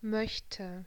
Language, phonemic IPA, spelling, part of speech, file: German, /ˈmœç.tʰə/, möchte, verb, De-möchte.ogg
- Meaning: first/third-person singular subjunctive II of mögen